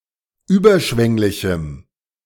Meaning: strong dative masculine/neuter singular of überschwänglich
- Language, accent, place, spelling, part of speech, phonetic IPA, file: German, Germany, Berlin, überschwänglichem, adjective, [ˈyːbɐˌʃvɛŋlɪçm̩], De-überschwänglichem.ogg